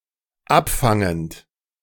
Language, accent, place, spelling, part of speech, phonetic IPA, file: German, Germany, Berlin, abfangend, verb, [ˈapˌfaŋənt], De-abfangend.ogg
- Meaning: present participle of abfangen